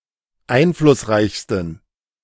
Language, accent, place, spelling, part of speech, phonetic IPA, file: German, Germany, Berlin, einflussreichsten, adjective, [ˈaɪ̯nflʊsˌʁaɪ̯çstn̩], De-einflussreichsten.ogg
- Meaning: 1. superlative degree of einflussreich 2. inflection of einflussreich: strong genitive masculine/neuter singular superlative degree